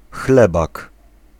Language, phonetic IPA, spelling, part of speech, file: Polish, [ˈxlɛbak], chlebak, noun, Pl-chlebak.ogg